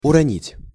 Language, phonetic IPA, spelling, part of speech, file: Russian, [ʊrɐˈnʲitʲ], уронить, verb, Ru-уронить.ogg
- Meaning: to drop (something), usually unintentionally